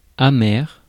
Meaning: 1. bitter 2. sour
- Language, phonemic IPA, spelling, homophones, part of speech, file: French, /a.mɛʁ/, amer, amers / amère / amères, adjective, Fr-amer.ogg